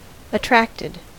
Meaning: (verb) simple past and past participle of attract; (adjective) drawn towards
- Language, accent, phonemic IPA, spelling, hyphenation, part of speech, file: English, US, /əˈtɹæktɪd/, attracted, at‧tract‧ed, verb / adjective, En-us-attracted.ogg